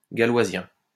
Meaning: galoisian
- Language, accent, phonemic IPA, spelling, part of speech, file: French, France, /ɡa.lwa.zjɛ̃/, galoisien, adjective, LL-Q150 (fra)-galoisien.wav